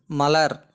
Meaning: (noun) 1. flower, blossom 2. lotus 3. a great number 4. nut or head, as of a spike; knob, as of scimitar 5. a formula of a foot of one nirai occurring as the last cīr in the last line of a veṇpā
- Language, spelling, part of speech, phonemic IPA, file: Tamil, மலர், noun / verb, /mɐlɐɾ/, Ta-மலர்.ogg